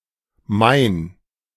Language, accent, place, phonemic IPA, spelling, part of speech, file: German, Germany, Berlin, /maɪ̯n/, Main, proper noun, De-Main.ogg
- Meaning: a tributary of the Rhine, in southern Germany